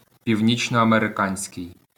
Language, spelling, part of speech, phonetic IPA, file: Ukrainian, північноамериканський, adjective, [pʲiu̯nʲit͡ʃnɔɐmereˈkanʲsʲkei̯], LL-Q8798 (ukr)-північноамериканський.wav
- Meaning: North American